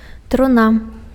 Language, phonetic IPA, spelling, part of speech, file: Belarusian, [truˈna], труна, noun, Be-труна.ogg
- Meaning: coffin